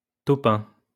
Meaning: click beetle
- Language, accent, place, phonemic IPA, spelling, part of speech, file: French, France, Lyon, /to.pɛ̃/, taupin, noun, LL-Q150 (fra)-taupin.wav